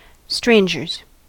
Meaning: plural of stranger
- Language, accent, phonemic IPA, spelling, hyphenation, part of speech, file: English, US, /ˈstɹeɪnd͡ʒɚz/, strangers, stran‧gers, noun, En-us-strangers.ogg